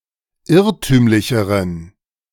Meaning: inflection of irrtümlich: 1. strong genitive masculine/neuter singular comparative degree 2. weak/mixed genitive/dative all-gender singular comparative degree
- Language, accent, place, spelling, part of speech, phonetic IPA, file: German, Germany, Berlin, irrtümlicheren, adjective, [ˈɪʁtyːmlɪçəʁən], De-irrtümlicheren.ogg